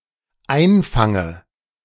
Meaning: inflection of einfangen: 1. first-person singular dependent present 2. first/third-person singular dependent subjunctive I
- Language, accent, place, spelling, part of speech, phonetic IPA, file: German, Germany, Berlin, einfange, verb, [ˈaɪ̯nˌfaŋə], De-einfange.ogg